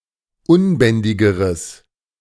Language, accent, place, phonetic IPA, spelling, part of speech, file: German, Germany, Berlin, [ˈʊnˌbɛndɪɡəʁəs], unbändigeres, adjective, De-unbändigeres.ogg
- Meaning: strong/mixed nominative/accusative neuter singular comparative degree of unbändig